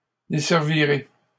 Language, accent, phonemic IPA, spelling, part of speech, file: French, Canada, /de.sɛʁ.vi.ʁe/, desservirai, verb, LL-Q150 (fra)-desservirai.wav
- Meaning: first-person singular simple future of desservir